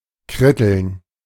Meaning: to quibble, cavil, nitpick
- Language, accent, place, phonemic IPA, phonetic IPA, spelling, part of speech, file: German, Germany, Berlin, /ˈkrɪtəln/, [ˈkʁɪtl̩n], kritteln, verb, De-kritteln.ogg